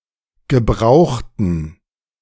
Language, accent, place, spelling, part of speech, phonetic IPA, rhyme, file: German, Germany, Berlin, gebrauchten, adjective / verb, [ɡəˈbʁaʊ̯xtn̩], -aʊ̯xtn̩, De-gebrauchten.ogg
- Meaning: inflection of gebraucht: 1. strong genitive masculine/neuter singular 2. weak/mixed genitive/dative all-gender singular 3. strong/weak/mixed accusative masculine singular 4. strong dative plural